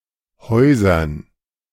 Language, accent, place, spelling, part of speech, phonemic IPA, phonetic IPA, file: German, Germany, Berlin, Häusern, proper noun / noun, /ˈhɔɪ̯zɐn/, [ˈhɔʏ̯zɐn], De-Häusern.ogg
- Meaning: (proper noun) a municipality of Baden-Württemberg, Germany; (noun) dative plural of Haus